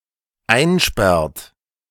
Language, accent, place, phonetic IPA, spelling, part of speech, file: German, Germany, Berlin, [ˈaɪ̯nˌʃpɛʁt], einsperrt, verb, De-einsperrt.ogg
- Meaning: inflection of einsperren: 1. third-person singular dependent present 2. second-person plural dependent present